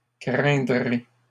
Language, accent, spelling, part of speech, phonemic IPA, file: French, Canada, craindrai, verb, /kʁɛ̃.dʁe/, LL-Q150 (fra)-craindrai.wav
- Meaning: first-person singular future of craindre